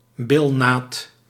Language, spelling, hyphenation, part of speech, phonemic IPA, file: Dutch, bilnaad, bil‧naad, noun, /ˈbɪl.naːt/, Nl-bilnaad.ogg
- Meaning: buttcrack